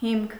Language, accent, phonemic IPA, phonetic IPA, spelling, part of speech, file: Armenian, Eastern Armenian, /himkʰ/, [himkʰ], հիմք, noun, Hy-հիմք.ogg
- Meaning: 1. base; basis; foundation 2. grounds, reason 3. foundation, base 4. base 5. stem